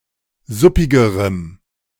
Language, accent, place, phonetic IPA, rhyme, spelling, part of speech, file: German, Germany, Berlin, [ˈzʊpɪɡəʁəm], -ʊpɪɡəʁəm, suppigerem, adjective, De-suppigerem.ogg
- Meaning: strong dative masculine/neuter singular comparative degree of suppig